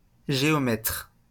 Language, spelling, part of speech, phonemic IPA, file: French, géomètre, noun, /ʒe.ɔ.mɛtʁ/, LL-Q150 (fra)-géomètre.wav
- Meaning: land surveyor, surveyor